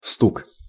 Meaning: 1. knock 2. rattle, clatter, noise
- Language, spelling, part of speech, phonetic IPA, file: Russian, стук, noun, [stuk], Ru-стук.ogg